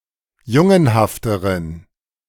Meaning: inflection of jungenhaft: 1. strong genitive masculine/neuter singular comparative degree 2. weak/mixed genitive/dative all-gender singular comparative degree
- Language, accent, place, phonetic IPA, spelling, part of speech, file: German, Germany, Berlin, [ˈjʊŋənhaftəʁən], jungenhafteren, adjective, De-jungenhafteren.ogg